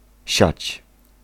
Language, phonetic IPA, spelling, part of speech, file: Polish, [ɕät͡ɕ], siać, verb, Pl-siać.ogg